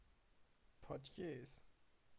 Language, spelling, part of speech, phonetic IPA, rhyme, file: German, Portiers, noun, [ˌpɔʁˈti̯eːs], -eːs, De-Portiers.ogg
- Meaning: plural of Portier